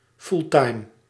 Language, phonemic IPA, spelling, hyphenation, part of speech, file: Dutch, /ˈful.tɑi̯m/, fulltime, full‧time, adjective, Nl-fulltime.ogg
- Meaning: full-time